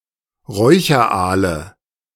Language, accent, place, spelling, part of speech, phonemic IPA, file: German, Germany, Berlin, Räucheraale, noun, /ˈʁɔɪ̯çɐˌʔaːlə/, De-Räucheraale.ogg
- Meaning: nominative/accusative/genitive plural of Räucheraal